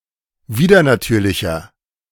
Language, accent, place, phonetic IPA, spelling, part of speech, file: German, Germany, Berlin, [ˈviːdɐnaˌtyːɐ̯lɪçɐ], widernatürlicher, adjective, De-widernatürlicher.ogg
- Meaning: 1. comparative degree of widernatürlich 2. inflection of widernatürlich: strong/mixed nominative masculine singular 3. inflection of widernatürlich: strong genitive/dative feminine singular